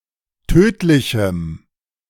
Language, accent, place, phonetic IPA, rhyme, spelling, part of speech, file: German, Germany, Berlin, [ˈtøːtlɪçm̩], -øːtlɪçm̩, tödlichem, adjective, De-tödlichem.ogg
- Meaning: strong dative masculine/neuter singular of tödlich